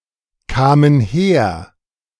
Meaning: first/third-person plural preterite of herkommen
- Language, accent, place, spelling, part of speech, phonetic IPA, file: German, Germany, Berlin, kamen her, verb, [ˌkaːmən ˈheːɐ̯], De-kamen her.ogg